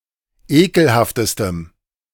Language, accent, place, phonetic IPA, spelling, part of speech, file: German, Germany, Berlin, [ˈeːkl̩haftəstəm], ekelhaftestem, adjective, De-ekelhaftestem.ogg
- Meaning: strong dative masculine/neuter singular superlative degree of ekelhaft